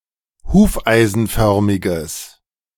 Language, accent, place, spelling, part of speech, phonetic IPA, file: German, Germany, Berlin, hufeisenförmiges, adjective, [ˈhuːfʔaɪ̯zn̩ˌfœʁmɪɡəs], De-hufeisenförmiges.ogg
- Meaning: strong/mixed nominative/accusative neuter singular of hufeisenförmig